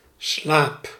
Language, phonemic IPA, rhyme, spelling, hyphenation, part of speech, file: Dutch, /slaːp/, -aːp, slaap, slaap, noun / verb, Nl-slaap.ogg
- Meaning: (noun) 1. sleep 2. sleepiness 3. temple (slightly flatter region on either side of the human head); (verb) inflection of slapen: first-person singular present indicative